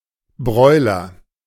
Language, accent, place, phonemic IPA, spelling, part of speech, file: German, Germany, Berlin, /ˈbʁɔʏ̯lɐ/, Broiler, noun, De-Broiler.ogg
- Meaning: 1. roast chicken 2. broiler (chicken suitable for broiling)